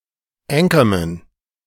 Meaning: anchorman
- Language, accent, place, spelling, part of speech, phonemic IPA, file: German, Germany, Berlin, Anchorman, noun, /ˈɛŋkɐˌmɛn/, De-Anchorman.ogg